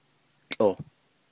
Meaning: 1. grass 2. hay, straw
- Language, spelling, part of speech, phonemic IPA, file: Navajo, tłʼoh, noun, /t͡ɬʼòh/, Nv-tłʼoh.ogg